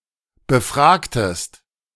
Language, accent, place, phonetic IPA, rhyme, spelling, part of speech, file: German, Germany, Berlin, [bəˈfʁaːktəst], -aːktəst, befragtest, verb, De-befragtest.ogg
- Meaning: inflection of befragen: 1. second-person singular preterite 2. second-person singular subjunctive II